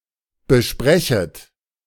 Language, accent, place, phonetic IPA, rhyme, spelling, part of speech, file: German, Germany, Berlin, [bəˈʃpʁɛçət], -ɛçət, besprechet, verb, De-besprechet.ogg
- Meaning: second-person plural subjunctive I of besprechen